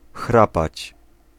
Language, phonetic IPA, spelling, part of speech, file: Polish, [ˈxrapat͡ɕ], chrapać, verb, Pl-chrapać.ogg